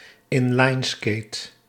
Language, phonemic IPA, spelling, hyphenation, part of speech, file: Dutch, /ˈɪn.lɑi̯nˌskeːt/, inlineskate, in‧line‧skate, noun, Nl-inlineskate.ogg
- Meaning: an in-line skate, a rollerblade